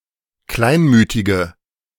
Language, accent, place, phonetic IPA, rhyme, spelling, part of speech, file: German, Germany, Berlin, [ˈklaɪ̯nˌmyːtɪɡə], -aɪ̯nmyːtɪɡə, kleinmütige, adjective, De-kleinmütige.ogg
- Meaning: inflection of kleinmütig: 1. strong/mixed nominative/accusative feminine singular 2. strong nominative/accusative plural 3. weak nominative all-gender singular